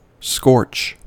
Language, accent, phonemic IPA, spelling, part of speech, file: English, US, /skɔɹt͡ʃ/, scorch, noun / verb, En-us-scorch.ogg
- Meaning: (noun) 1. A slight or surface burn 2. A discolouration caused by heat 3. Brown discoloration on the leaves of plants caused by heat, lack of water or by fungi